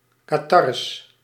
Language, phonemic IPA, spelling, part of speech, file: Dutch, /kaˈtɑr(ə)s/, catarres, noun, Nl-catarres.ogg
- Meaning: plural of catarre